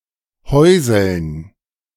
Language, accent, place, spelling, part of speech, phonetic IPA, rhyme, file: German, Germany, Berlin, Häusln, noun, [ˈhɔɪ̯zl̩n], -ɔɪ̯zl̩n, De-Häusln.ogg
- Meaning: dative plural of Häusl